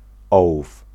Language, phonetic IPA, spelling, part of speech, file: Polish, [ˈɔwuf], ołów, noun, Pl-ołów.ogg